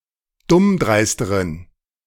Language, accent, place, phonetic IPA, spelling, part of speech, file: German, Germany, Berlin, [ˈdʊmˌdʁaɪ̯stəʁən], dummdreisteren, adjective, De-dummdreisteren.ogg
- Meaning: inflection of dummdreist: 1. strong genitive masculine/neuter singular comparative degree 2. weak/mixed genitive/dative all-gender singular comparative degree